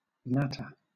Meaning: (verb) 1. To talk casually; to discuss unimportant matters 2. To nag; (noun) Mindless and irrelevant chatter
- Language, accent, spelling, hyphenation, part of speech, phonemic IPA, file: English, Southern England, natter, nat‧ter, verb / noun, /ˈnætə/, LL-Q1860 (eng)-natter.wav